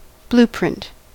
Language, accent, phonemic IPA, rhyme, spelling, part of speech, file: English, US, /ˈbluːˌpɹɪnt/, -ɪnt, blueprint, noun / verb, En-us-blueprint.ogg